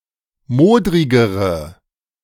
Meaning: inflection of modrig: 1. strong/mixed nominative/accusative feminine singular comparative degree 2. strong nominative/accusative plural comparative degree
- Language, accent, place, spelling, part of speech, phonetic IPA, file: German, Germany, Berlin, modrigere, adjective, [ˈmoːdʁɪɡəʁə], De-modrigere.ogg